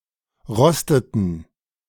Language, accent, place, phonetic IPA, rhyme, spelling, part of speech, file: German, Germany, Berlin, [ˈʁɔstətn̩], -ɔstətn̩, rosteten, verb, De-rosteten.ogg
- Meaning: inflection of rosten: 1. first/third-person plural preterite 2. first/third-person plural subjunctive II